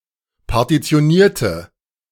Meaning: inflection of partitionieren: 1. first/third-person singular preterite 2. first/third-person singular subjunctive II
- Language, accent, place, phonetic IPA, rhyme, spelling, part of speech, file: German, Germany, Berlin, [paʁtit͡si̯oˈniːɐ̯tə], -iːɐ̯tə, partitionierte, adjective / verb, De-partitionierte.ogg